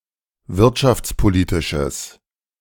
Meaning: strong/mixed nominative/accusative neuter singular of wirtschaftspolitisch
- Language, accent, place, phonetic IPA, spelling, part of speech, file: German, Germany, Berlin, [ˈvɪʁtʃaft͡sˌpoˌliːtɪʃəs], wirtschaftspolitisches, adjective, De-wirtschaftspolitisches.ogg